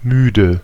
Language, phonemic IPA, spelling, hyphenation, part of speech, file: German, /ˈmyːdə/, müde, mü‧de, adjective, De-müde.ogg
- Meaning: 1. tired 2. tired of it, tired of (infinitive phrase) 3. [with genitive] tired or sick of (something, someone)